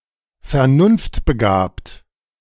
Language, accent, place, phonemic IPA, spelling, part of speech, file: German, Germany, Berlin, /fɛɐ̯ˈnʊnftbəˌɡaːpt/, vernunftbegabt, adjective, De-vernunftbegabt.ogg
- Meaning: rational